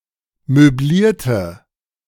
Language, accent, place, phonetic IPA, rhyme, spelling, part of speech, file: German, Germany, Berlin, [møˈbliːɐ̯tə], -iːɐ̯tə, möblierte, adjective, De-möblierte.ogg
- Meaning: inflection of möblieren: 1. first/third-person singular preterite 2. first/third-person singular subjunctive II